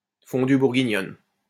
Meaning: dice of beef cooked in a caquelon of boiling flavoured oil directly at the table
- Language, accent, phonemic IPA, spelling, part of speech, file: French, France, /fɔ̃.dy buʁ.ɡi.ɲɔn/, fondue bourguignonne, noun, LL-Q150 (fra)-fondue bourguignonne.wav